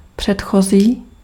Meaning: previous
- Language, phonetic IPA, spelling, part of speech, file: Czech, [ˈpr̝̊ɛtxoziː], předchozí, adjective, Cs-předchozí.ogg